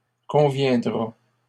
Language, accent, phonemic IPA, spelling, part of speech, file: French, Canada, /kɔ̃.vjɛ̃.dʁa/, conviendra, verb, LL-Q150 (fra)-conviendra.wav
- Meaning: third-person singular future of convenir